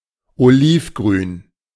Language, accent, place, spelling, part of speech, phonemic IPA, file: German, Germany, Berlin, olivgrün, adjective, /oˈliːfˌɡʁyːn/, De-olivgrün.ogg
- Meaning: olive green